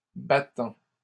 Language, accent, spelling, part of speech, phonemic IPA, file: French, Canada, battant, adjective / noun / verb, /ba.tɑ̃/, LL-Q150 (fra)-battant.wav
- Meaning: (adjective) beating; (noun) 1. a leaf (of a door or a window) 2. a leaf (of a foldable table or a counter) 3. a stayer, a fighter, a go-getter (someone who shoots for success despite obstacles)